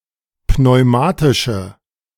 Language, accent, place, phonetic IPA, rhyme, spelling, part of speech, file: German, Germany, Berlin, [pnɔɪ̯ˈmaːtɪʃə], -aːtɪʃə, pneumatische, adjective, De-pneumatische.ogg
- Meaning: inflection of pneumatisch: 1. strong/mixed nominative/accusative feminine singular 2. strong nominative/accusative plural 3. weak nominative all-gender singular